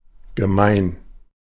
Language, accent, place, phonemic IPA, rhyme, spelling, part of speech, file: German, Germany, Berlin, /ɡəˈmaɪ̯n/, -aɪ̯n, gemein, adjective / adverb, De-gemein.ogg
- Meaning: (adjective) 1. mean, nasty, wicked 2. ordinary, common, average 3. base, vile, vulgar 4. having a characteristic in common; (adverb) 1. very; intensely 2. wicked, beastly, awfully, awful